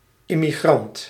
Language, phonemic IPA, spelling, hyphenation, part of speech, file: Dutch, /ˌɪ.miˈɣrɑnt/, immigrant, im‧migrant, noun, Nl-immigrant.ogg
- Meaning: immigrant